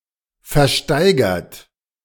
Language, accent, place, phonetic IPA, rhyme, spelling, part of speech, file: German, Germany, Berlin, [fɛɐ̯ˈʃtaɪ̯ɡɐt], -aɪ̯ɡɐt, versteigert, verb, De-versteigert.ogg
- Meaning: 1. past participle of versteigern 2. inflection of versteigern: third-person singular present 3. inflection of versteigern: second-person plural present 4. inflection of versteigern: plural imperative